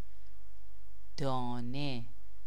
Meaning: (classifier) generic classifier for units or pieces of an object; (noun) 1. grain (seed of grass food crops) 2. grain (grass food crops) 3. seed (propagative portion of a plant) 4. berry
- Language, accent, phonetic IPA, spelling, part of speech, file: Persian, Iran, [d̪ɒː.né], دانه, classifier / noun, Fa-دانه.ogg